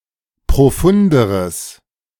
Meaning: strong/mixed nominative/accusative neuter singular comparative degree of profund
- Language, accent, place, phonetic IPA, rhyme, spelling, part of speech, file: German, Germany, Berlin, [pʁoˈfʊndəʁəs], -ʊndəʁəs, profunderes, adjective, De-profunderes.ogg